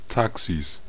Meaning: 1. genitive singular of Taxi 2. plural of Taxi
- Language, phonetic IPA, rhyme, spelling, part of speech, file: German, [ˈtaksis], -aksis, Taxis, noun, De-Taxis.ogg